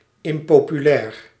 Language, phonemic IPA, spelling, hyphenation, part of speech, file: Dutch, /ˌɪm.poː.pyˈlɛːr/, impopulair, im‧po‧pu‧lair, adjective, Nl-impopulair.ogg
- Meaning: unpopular